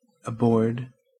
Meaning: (adverb) 1. On board; into or within a ship or boat; hence, into or within a railway car 2. On or onto a horse, a camel, etc 3. On base 4. Into a team, group, or company 5. Alongside
- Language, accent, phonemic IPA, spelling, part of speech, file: English, US, /əˈbɔɹd/, aboard, adverb / preposition, En-us-aboard.ogg